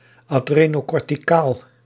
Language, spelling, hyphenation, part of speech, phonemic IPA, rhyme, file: Dutch, adrenocorticaal, adre‧no‧cor‧ti‧caal, adjective, /aːˌdreː.noː.kɔr.tiˈkaːl/, -aːl, Nl-adrenocorticaal.ogg
- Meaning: adrenocortical (relating to the adrenal cortex)